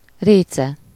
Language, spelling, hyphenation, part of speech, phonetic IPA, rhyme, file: Hungarian, réce, ré‧ce, noun, [ˈreːt͡sɛ], -t͡sɛ, Hu-réce.ogg
- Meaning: duck, teal (any of various small freshwater ducks of the genus Anas)